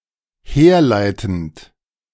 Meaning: present participle of herleiten
- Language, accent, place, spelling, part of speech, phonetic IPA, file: German, Germany, Berlin, herleitend, verb, [ˈheːɐ̯ˌlaɪ̯tn̩t], De-herleitend.ogg